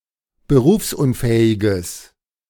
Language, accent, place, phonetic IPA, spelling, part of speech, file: German, Germany, Berlin, [bəˈʁuːfsʔʊnˌfɛːɪɡəs], berufsunfähiges, adjective, De-berufsunfähiges.ogg
- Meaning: strong/mixed nominative/accusative neuter singular of berufsunfähig